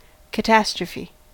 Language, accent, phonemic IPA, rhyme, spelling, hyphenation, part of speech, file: English, General American, /kəˈtæstɹəfi/, -æstɹəfi, catastrophe, ca‧tas‧tro‧phe, noun, En-us-catastrophe.ogg
- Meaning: 1. Any large and disastrous event of great significance 2. A disaster beyond expectations 3. The dramatic event that initiates the resolution of the plot; the dénouement